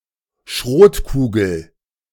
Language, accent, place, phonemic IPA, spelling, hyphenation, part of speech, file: German, Germany, Berlin, /ˈʃʁoːtˌkuːɡl̩/, Schrotkugel, Schrot‧ku‧gel, noun, De-Schrotkugel.ogg
- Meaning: shot (metal bead)